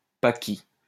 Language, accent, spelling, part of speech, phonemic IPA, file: French, France, Paki, noun, /pa.ki/, LL-Q150 (fra)-Paki.wav
- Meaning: Paki (offensive term for a Pakistani)